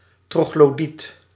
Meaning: troglodyte
- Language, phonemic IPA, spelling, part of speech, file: Dutch, /troɣloˈdit/, troglodiet, noun, Nl-troglodiet.ogg